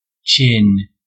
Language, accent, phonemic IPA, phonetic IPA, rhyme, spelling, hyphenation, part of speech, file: English, US, /ˈt͡ʃɪn/, [ˈt͡ʃʰɪn], -ɪn, chin, chin, noun / verb, En-us-chin.ogg
- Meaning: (noun) 1. The bottom of a face, (specifically) the typically jutting jawline below the mouth 2. Talk 3. A lie, a falsehood 4. A person of the upper class